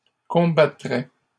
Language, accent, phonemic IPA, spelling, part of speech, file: French, Canada, /kɔ̃.ba.tʁɛ/, combattraient, verb, LL-Q150 (fra)-combattraient.wav
- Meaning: third-person plural conditional of combattre